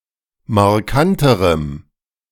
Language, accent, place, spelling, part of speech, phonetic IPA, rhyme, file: German, Germany, Berlin, markanterem, adjective, [maʁˈkantəʁəm], -antəʁəm, De-markanterem.ogg
- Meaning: strong dative masculine/neuter singular comparative degree of markant